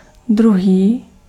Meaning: 1. other, another 2. second
- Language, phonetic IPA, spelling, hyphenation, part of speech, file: Czech, [ˈdruɦiː], druhý, dru‧hý, adjective, Cs-druhý.ogg